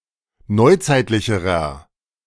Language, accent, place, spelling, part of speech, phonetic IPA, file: German, Germany, Berlin, neuzeitlicherer, adjective, [ˈnɔɪ̯ˌt͡saɪ̯tlɪçəʁɐ], De-neuzeitlicherer.ogg
- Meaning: inflection of neuzeitlich: 1. strong/mixed nominative masculine singular comparative degree 2. strong genitive/dative feminine singular comparative degree 3. strong genitive plural comparative degree